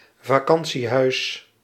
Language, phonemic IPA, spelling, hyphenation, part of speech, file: Dutch, /vaːˈkɑn.(t)siˌɦœy̯s/, vakantiehuis, va‧kan‧tie‧huis, noun, Nl-vakantiehuis.ogg
- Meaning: holiday home (building used as holiday accommodation)